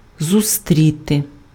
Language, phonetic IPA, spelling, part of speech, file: Ukrainian, [zʊˈstʲrʲite], зустріти, verb, Uk-зустріти.ogg
- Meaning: 1. to meet, to encounter 2. to meet, to receive, to greet